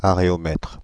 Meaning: areometer
- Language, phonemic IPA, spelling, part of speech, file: French, /a.ʁe.ɔ.mɛtʁ/, aréomètre, noun, Fr-aréomètre.ogg